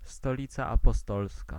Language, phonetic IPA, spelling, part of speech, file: Polish, [stɔˈlʲit͡sa ˌːpɔˈstɔlska], Stolica Apostolska, proper noun, Pl-Stolica Apostolska.ogg